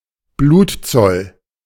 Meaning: death toll
- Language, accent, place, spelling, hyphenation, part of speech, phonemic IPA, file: German, Germany, Berlin, Blutzoll, Blut‧zoll, noun, /ˈbluːtˌt͡sɔl/, De-Blutzoll.ogg